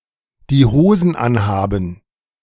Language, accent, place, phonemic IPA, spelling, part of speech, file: German, Germany, Berlin, /di ˈhoːzn̩ ˈʔanhaːbm̩/, die Hosen anhaben, verb, De-die Hosen anhaben.ogg
- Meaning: to wear the trousers (UK), to wear the pants (US)